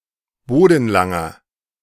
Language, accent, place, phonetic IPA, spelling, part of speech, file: German, Germany, Berlin, [ˈboːdn̩ˌlaŋɐ], bodenlanger, adjective, De-bodenlanger.ogg
- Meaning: inflection of bodenlang: 1. strong/mixed nominative masculine singular 2. strong genitive/dative feminine singular 3. strong genitive plural